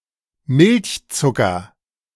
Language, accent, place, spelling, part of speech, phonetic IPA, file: German, Germany, Berlin, Milchzucker, noun, [ˈmɪlçˌt͡sʊkɐ], De-Milchzucker.ogg
- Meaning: lactose